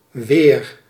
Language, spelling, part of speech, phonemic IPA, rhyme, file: Dutch, weer, adverb / noun / conjunction / verb, /ʋeːr/, -eːr, Nl-weer.ogg
- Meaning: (adverb) 1. again, once more 2. back; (noun) 1. weather 2. defense 3. resistance 4. seisin 5. wether 6. callus 7. knot in wood 8. foxing (in textiles); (conjunction) whether; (noun) man